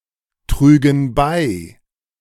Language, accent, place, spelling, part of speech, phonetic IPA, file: German, Germany, Berlin, trügen bei, verb, [ˌtʁyːɡn̩ ˈbaɪ̯], De-trügen bei.ogg
- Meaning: first/third-person plural subjunctive II of beitragen